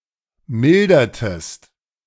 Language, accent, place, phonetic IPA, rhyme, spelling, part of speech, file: German, Germany, Berlin, [ˈmɪldɐtəst], -ɪldɐtəst, mildertest, verb, De-mildertest.ogg
- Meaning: inflection of mildern: 1. second-person singular preterite 2. second-person singular subjunctive II